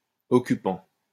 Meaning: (verb) present participle of occuper; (adjective) occupying; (noun) occupant (tenant of a property)
- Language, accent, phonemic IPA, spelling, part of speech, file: French, France, /ɔ.ky.pɑ̃/, occupant, verb / adjective / noun, LL-Q150 (fra)-occupant.wav